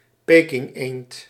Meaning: 1. Pekin duck (breed of duck) 2. Peking duck (poultry dish)
- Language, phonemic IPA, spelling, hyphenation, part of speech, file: Dutch, /ˈpeː.kɪŋˌeːnt/, pekingeend, pe‧king‧eend, noun, Nl-pekingeend.ogg